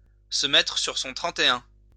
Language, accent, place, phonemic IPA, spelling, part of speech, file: French, France, Lyon, /sə mɛ.tʁə syʁ sɔ̃ tʁɑ̃.te.œ̃/, se mettre sur son trente-et-un, verb, LL-Q150 (fra)-se mettre sur son trente-et-un.wav
- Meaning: post-1990 spelling of se mettre sur son trente et un